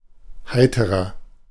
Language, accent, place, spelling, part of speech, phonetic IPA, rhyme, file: German, Germany, Berlin, heiterer, adjective, [ˈhaɪ̯təʁɐ], -aɪ̯təʁɐ, De-heiterer.ogg
- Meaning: 1. comparative degree of heiter 2. inflection of heiter: strong/mixed nominative masculine singular 3. inflection of heiter: strong genitive/dative feminine singular